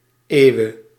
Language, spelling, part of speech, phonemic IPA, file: Dutch, Ewe, proper noun, /ˈewe/, Nl-Ewe.ogg
- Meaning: 1. Ewe (ethnic group) 2. Ewe (language)